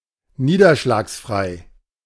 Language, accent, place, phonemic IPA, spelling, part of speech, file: German, Germany, Berlin, /ˈniːdɐʃlaːksˌfʁaɪ̯/, niederschlagsfrei, adjective, De-niederschlagsfrei.ogg
- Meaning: rainless, free of precipitation